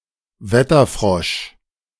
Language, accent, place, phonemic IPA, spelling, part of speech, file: German, Germany, Berlin, /ˈvɛtərˌfrɔʃ/, Wetterfrosch, noun, De-Wetterfrosch.ogg
- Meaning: 1. A frog kept in a jar with a small ladder; when the frog climbed up the ladder, this was seen as an indication of warmer weather in the following days 2. A meterologist, weatherman